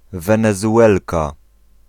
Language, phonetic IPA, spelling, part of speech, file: Polish, [ˌvɛ̃nɛzuˈʷɛlka], Wenezuelka, noun, Pl-Wenezuelka.ogg